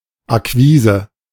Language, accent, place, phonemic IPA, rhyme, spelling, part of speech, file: German, Germany, Berlin, /aˈkviːzə/, -iːzə, Akquise, noun, De-Akquise.ogg
- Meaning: synonym of Akquisition